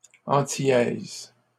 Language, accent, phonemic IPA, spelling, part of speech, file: French, Canada, /ɑ̃.ti.jɛz/, antillaise, adjective, LL-Q150 (fra)-antillaise.wav
- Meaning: feminine singular of antillais